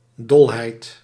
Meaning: 1. madness, insanity 2. mental craziness, folly 3. any strong, even excessive emotional state: extasis 4. any strong, even excessive emotional state: passion
- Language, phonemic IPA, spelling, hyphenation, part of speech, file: Dutch, /ˈdɔl.ɦɛi̯t/, dolheid, dol‧heid, noun, Nl-dolheid.ogg